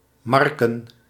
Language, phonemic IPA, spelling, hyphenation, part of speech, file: Dutch, /ˈmɑr.kə(n)/, Marken, Mar‧ken, proper noun, Nl-Marken.ogg
- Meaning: 1. a village, former island, and former municipality of Waterland, North Holland, Netherlands 2. Marche (an administrative region in central Italy)